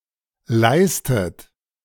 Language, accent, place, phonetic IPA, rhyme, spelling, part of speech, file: German, Germany, Berlin, [ˈlaɪ̯stət], -aɪ̯stət, leistet, verb, De-leistet.ogg
- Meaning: inflection of leisten: 1. third-person singular present 2. second-person plural present 3. second-person plural subjunctive I 4. plural imperative